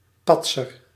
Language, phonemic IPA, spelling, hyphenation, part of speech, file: Dutch, /ˈpɑt.sər/, patser, pat‧ser, noun, Nl-patser.ogg
- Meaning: show-off, showboat